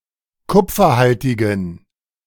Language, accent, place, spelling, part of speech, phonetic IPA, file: German, Germany, Berlin, kupferhaltigen, adjective, [ˈkʊp͡fɐˌhaltɪɡn̩], De-kupferhaltigen.ogg
- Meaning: inflection of kupferhaltig: 1. strong genitive masculine/neuter singular 2. weak/mixed genitive/dative all-gender singular 3. strong/weak/mixed accusative masculine singular 4. strong dative plural